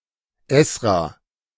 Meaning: 1. Ezra (Biblical figure) 2. the Book of Ezra
- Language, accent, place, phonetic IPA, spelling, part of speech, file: German, Germany, Berlin, [ˈɛsʁa], Esra, proper noun, De-Esra.ogg